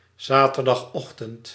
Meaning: Saturday morning
- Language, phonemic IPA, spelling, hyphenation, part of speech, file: Dutch, /ˌzaː.tər.dɑxˈɔx.tənt/, zaterdagochtend, za‧ter‧dag‧och‧tend, noun, Nl-zaterdagochtend.ogg